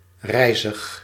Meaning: tall, risen high; mainly used in positive descriptions of living beings and architecture
- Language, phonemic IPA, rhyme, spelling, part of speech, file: Dutch, /ˈrɛi̯.zəx/, -ɛi̯zəx, rijzig, adjective, Nl-rijzig.ogg